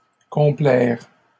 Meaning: 1. to get stuck in, to get caught in 2. to take pleasure in, to bask in 3. to wallow, to revel in
- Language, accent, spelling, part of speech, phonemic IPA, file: French, Canada, complaire, verb, /kɔ̃.plɛʁ/, LL-Q150 (fra)-complaire.wav